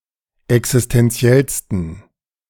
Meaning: 1. superlative degree of existentiell 2. inflection of existentiell: strong genitive masculine/neuter singular superlative degree
- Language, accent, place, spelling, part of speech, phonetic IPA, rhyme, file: German, Germany, Berlin, existentiellsten, adjective, [ɛksɪstɛnˈt͡si̯ɛlstn̩], -ɛlstn̩, De-existentiellsten.ogg